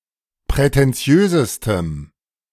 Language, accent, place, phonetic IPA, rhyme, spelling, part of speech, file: German, Germany, Berlin, [pʁɛtɛnˈt͡si̯øːzəstəm], -øːzəstəm, prätentiösestem, adjective, De-prätentiösestem.ogg
- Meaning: strong dative masculine/neuter singular superlative degree of prätentiös